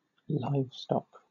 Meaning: Farm animals; animals domesticated for cultivation
- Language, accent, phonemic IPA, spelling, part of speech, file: English, Southern England, /ˈlaɪvstɒk/, livestock, noun, LL-Q1860 (eng)-livestock.wav